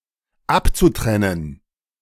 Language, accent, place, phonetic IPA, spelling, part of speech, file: German, Germany, Berlin, [ˈapt͡suˌtʁɛnən], abzutrennen, verb, De-abzutrennen.ogg
- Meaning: zu-infinitive of abtrennen